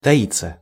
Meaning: 1. to hide 2. to keep a low profile 3. to conceal/hide one's feelings (from) 4. to be hidden/concealed 5. passive of таи́ть (taítʹ)
- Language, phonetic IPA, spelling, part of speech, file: Russian, [tɐˈit͡sːə], таиться, verb, Ru-таиться.ogg